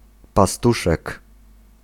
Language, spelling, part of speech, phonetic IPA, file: Polish, pastuszek, noun, [paˈstuʃɛk], Pl-pastuszek.ogg